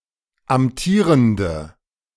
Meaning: inflection of amtierend: 1. strong/mixed nominative/accusative feminine singular 2. strong nominative/accusative plural 3. weak nominative all-gender singular
- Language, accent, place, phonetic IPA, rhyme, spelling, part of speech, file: German, Germany, Berlin, [amˈtiːʁəndə], -iːʁəndə, amtierende, adjective, De-amtierende.ogg